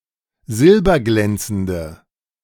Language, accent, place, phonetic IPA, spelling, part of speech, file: German, Germany, Berlin, [ˈzɪlbɐˌɡlɛnt͡sn̩də], silberglänzende, adjective, De-silberglänzende.ogg
- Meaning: inflection of silberglänzend: 1. strong/mixed nominative/accusative feminine singular 2. strong nominative/accusative plural 3. weak nominative all-gender singular